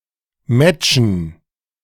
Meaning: dative plural of Match
- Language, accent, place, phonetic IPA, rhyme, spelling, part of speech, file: German, Germany, Berlin, [ˈmɛt͡ʃn̩], -ɛt͡ʃn̩, Matchen, noun, De-Matchen.ogg